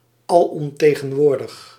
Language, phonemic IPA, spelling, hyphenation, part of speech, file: Dutch, /ɑˌlɔmˌteː.ɣə(n)ˈʋoːr.dəx/, alomtegenwoordig, al‧om‧te‧gen‧woor‧dig, adjective, Nl-alomtegenwoordig.ogg
- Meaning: omnipresent, ubiquitous